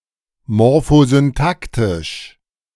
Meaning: morphosyntactic
- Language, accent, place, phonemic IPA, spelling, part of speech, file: German, Germany, Berlin, /mɔʁfozynˈtaktɪʃ/, morphosyntaktisch, adjective, De-morphosyntaktisch.ogg